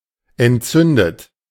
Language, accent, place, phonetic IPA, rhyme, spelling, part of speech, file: German, Germany, Berlin, [ɛntˈt͡sʏndət], -ʏndət, entzündet, adjective / verb, De-entzündet.ogg
- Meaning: 1. past participle of entzünden 2. inflection of entzünden: third-person singular present 3. inflection of entzünden: second-person plural present